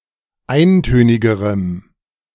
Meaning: strong dative masculine/neuter singular comparative degree of eintönig
- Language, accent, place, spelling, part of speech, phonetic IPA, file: German, Germany, Berlin, eintönigerem, adjective, [ˈaɪ̯nˌtøːnɪɡəʁəm], De-eintönigerem.ogg